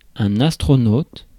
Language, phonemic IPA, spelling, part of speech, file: French, /as.tʁɔ.not/, astronaute, noun, Fr-astronaute.ogg
- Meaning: astronaut (a member of the crew of a spaceship or other spacecraft, or someone trained for that purpose)